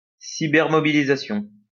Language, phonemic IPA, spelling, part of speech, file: French, /mɔ.bi.li.za.sjɔ̃/, mobilisation, noun, LL-Q150 (fra)-mobilisation.wav
- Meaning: 1. mobilisation, call-up, draft 2. rallying